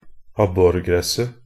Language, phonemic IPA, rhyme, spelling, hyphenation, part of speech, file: Norwegian Bokmål, /ˈabːɔrɡrɛsːə/, -ɛsːə, abborgresset, ab‧bor‧gres‧set, noun, Nb-abborgresset.ogg
- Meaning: definite singular of abborgress